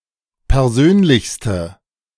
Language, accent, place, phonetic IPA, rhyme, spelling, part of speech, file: German, Germany, Berlin, [pɛʁˈzøːnlɪçstə], -øːnlɪçstə, persönlichste, adjective, De-persönlichste.ogg
- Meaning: inflection of persönlich: 1. strong/mixed nominative/accusative feminine singular superlative degree 2. strong nominative/accusative plural superlative degree